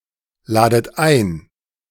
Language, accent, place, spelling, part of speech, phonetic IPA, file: German, Germany, Berlin, ladet ein, verb, [ˌlaːdət ˈaɪ̯n], De-ladet ein.ogg
- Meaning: inflection of einladen: 1. second-person plural present 2. second-person plural subjunctive I 3. plural imperative